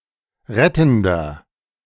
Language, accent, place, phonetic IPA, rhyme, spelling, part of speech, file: German, Germany, Berlin, [ˈʁɛtn̩dɐ], -ɛtn̩dɐ, rettender, adjective, De-rettender.ogg
- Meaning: inflection of rettend: 1. strong/mixed nominative masculine singular 2. strong genitive/dative feminine singular 3. strong genitive plural